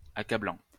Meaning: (verb) present participle of accabler; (adjective) 1. overwhelming 2. damning
- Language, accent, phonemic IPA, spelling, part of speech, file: French, France, /a.ka.blɑ̃/, accablant, verb / adjective, LL-Q150 (fra)-accablant.wav